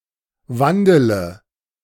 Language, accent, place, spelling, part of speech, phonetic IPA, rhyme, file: German, Germany, Berlin, wandele, verb, [ˈvandələ], -andələ, De-wandele.ogg
- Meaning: inflection of wandeln: 1. first-person singular present 2. first/third-person singular subjunctive I 3. singular imperative